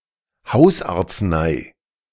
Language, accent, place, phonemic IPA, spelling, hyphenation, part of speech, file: German, Germany, Berlin, /ˈhaʊ̯sʔaːɐ̯t͡sˌnaɪ̯/, Hausarznei, Haus‧arz‧nei, noun, De-Hausarznei.ogg
- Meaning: domestic remedy